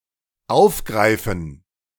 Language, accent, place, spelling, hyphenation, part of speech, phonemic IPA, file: German, Germany, Berlin, aufgreifen, auf‧grei‧fen, verb, /ˈaʊ̯fˌɡʁaɪ̯fn̩/, De-aufgreifen.ogg
- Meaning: 1. to capture, apprehend, seize 2. to continue, to take up